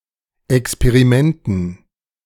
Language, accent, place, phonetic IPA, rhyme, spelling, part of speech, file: German, Germany, Berlin, [ɛkspeʁiˈmɛntn̩], -ɛntn̩, Experimenten, noun, De-Experimenten.ogg
- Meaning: dative plural of Experiment